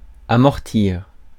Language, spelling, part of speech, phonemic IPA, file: French, amortir, verb, /a.mɔʁ.tiʁ/, Fr-amortir.ogg
- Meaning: 1. to cushion, absorb, soften (shock, blow etc.) 2. to deaden, muffle (noise) 3. to pay off, amortize; to redeem (a title) 4. to put an amortizement on